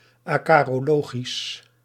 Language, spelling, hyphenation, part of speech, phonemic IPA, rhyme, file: Dutch, acarologisch, aca‧ro‧lo‧gisch, adjective, /aː.kaː.roːˈloː.ɣis/, -oːɣis, Nl-acarologisch.ogg
- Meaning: acarological